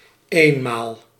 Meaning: once
- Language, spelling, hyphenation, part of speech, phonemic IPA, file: Dutch, eenmaal, een‧maal, adverb, /ˈeːn.maːl/, Nl-eenmaal.ogg